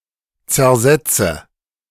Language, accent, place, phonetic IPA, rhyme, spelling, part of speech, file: German, Germany, Berlin, [t͡sɛɐ̯ˈzɛt͡sə], -ɛt͡sə, zersetze, verb, De-zersetze.ogg
- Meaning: inflection of zersetzen: 1. first-person singular present 2. first/third-person singular subjunctive I 3. singular imperative